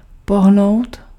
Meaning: 1. to move 2. to vary, range 3. to mingle, socialize (with a specified group)
- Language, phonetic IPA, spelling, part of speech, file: Czech, [ˈpoɦnou̯t], pohnout, verb, Cs-pohnout.ogg